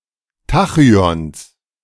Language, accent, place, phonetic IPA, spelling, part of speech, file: German, Germany, Berlin, [ˈtaxyɔns], Tachyons, noun, De-Tachyons.ogg
- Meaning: genitive singular of Tachyon